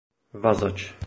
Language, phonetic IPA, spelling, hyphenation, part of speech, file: Czech, [ˈvazat͡ʃ], vazač, va‧zač, noun, Cs-vazač.oga
- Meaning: 1. binder (the one who binds something) 2. binder (the one who binds something): sheaf-binder 3. binder (the one who binds something): bookbinder 4. slinger (worker who hooks loads onto cranes)